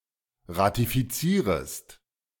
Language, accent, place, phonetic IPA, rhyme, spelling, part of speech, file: German, Germany, Berlin, [ʁatifiˈt͡siːʁəst], -iːʁəst, ratifizierest, verb, De-ratifizierest.ogg
- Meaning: second-person singular subjunctive I of ratifizieren